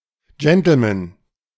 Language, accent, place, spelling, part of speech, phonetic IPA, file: German, Germany, Berlin, Gentlemen, noun, [d͡ʒɛntl̩mɛn], De-Gentlemen.ogg
- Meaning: plural of Gentleman